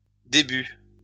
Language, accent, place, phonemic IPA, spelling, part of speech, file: French, France, Lyon, /de.by/, débuts, noun, LL-Q150 (fra)-débuts.wav
- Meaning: plural of début